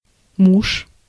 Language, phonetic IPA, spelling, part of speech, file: Russian, [muʂ], муж, noun, Ru-муж.ogg
- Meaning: 1. husband 2. man 3. great man (man at the forefront of his field or discipline)